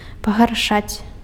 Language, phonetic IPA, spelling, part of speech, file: Belarusian, [paɣarˈʂat͡sʲ], пагаршаць, verb, Be-пагаршаць.ogg
- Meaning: to worsen, make something worse